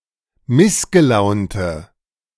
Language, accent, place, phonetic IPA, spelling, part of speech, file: German, Germany, Berlin, [ˈmɪsɡəˌlaʊ̯ntə], missgelaunte, adjective, De-missgelaunte.ogg
- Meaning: inflection of missgelaunt: 1. strong/mixed nominative/accusative feminine singular 2. strong nominative/accusative plural 3. weak nominative all-gender singular